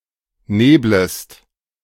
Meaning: second-person singular subjunctive I of nebeln
- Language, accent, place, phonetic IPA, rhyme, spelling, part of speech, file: German, Germany, Berlin, [ˈneːbləst], -eːbləst, neblest, verb, De-neblest.ogg